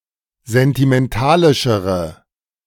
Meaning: inflection of sentimentalisch: 1. strong/mixed nominative/accusative feminine singular comparative degree 2. strong nominative/accusative plural comparative degree
- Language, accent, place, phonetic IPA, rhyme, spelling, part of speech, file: German, Germany, Berlin, [zɛntimɛnˈtaːlɪʃəʁə], -aːlɪʃəʁə, sentimentalischere, adjective, De-sentimentalischere.ogg